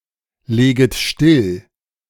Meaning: second-person plural subjunctive I of stilllegen
- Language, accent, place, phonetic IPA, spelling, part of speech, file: German, Germany, Berlin, [ˌleːɡət ˈʃtɪl], leget still, verb, De-leget still.ogg